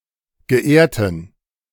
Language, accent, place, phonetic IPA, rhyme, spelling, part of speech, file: German, Germany, Berlin, [ɡəˈʔeːɐ̯tn̩], -eːɐ̯tn̩, geehrten, adjective, De-geehrten.ogg
- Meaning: inflection of geehrt: 1. strong genitive masculine/neuter singular 2. weak/mixed genitive/dative all-gender singular 3. strong/weak/mixed accusative masculine singular 4. strong dative plural